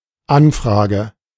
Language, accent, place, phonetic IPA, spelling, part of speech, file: German, Germany, Berlin, [ˈanˌfʁaːɡə], Anfrage, noun, De-Anfrage.ogg
- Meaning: inquiry